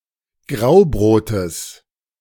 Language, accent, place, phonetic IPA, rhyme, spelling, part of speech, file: German, Germany, Berlin, [ˈɡʁaʊ̯ˌbʁoːtəs], -aʊ̯bʁoːtəs, Graubrotes, noun, De-Graubrotes.ogg
- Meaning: genitive singular of Graubrot